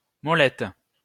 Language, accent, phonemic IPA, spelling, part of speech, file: French, France, /mɔ.lɛt/, molette, noun, LL-Q150 (fra)-molette.wav
- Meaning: 1. rowel 2. scroll wheel 3. mouse wheel